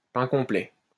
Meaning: wholemeal bread, brown bread
- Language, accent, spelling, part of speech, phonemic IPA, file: French, France, pain complet, noun, /pɛ̃ kɔ̃.plɛ/, LL-Q150 (fra)-pain complet.wav